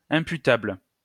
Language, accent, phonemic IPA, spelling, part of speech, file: French, France, /ɛ̃.py.tabl/, imputable, adjective, LL-Q150 (fra)-imputable.wav
- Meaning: imputable, attributable, ascribable, chargeable